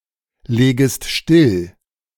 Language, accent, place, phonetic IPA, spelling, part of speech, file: German, Germany, Berlin, [ˌleːɡəst ˈʃtɪl], legest still, verb, De-legest still.ogg
- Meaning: second-person singular subjunctive I of stilllegen